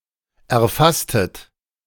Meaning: inflection of erfassen: 1. second-person plural preterite 2. second-person plural subjunctive II
- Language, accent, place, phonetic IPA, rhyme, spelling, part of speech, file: German, Germany, Berlin, [ɛɐ̯ˈfastət], -astət, erfasstet, verb, De-erfasstet.ogg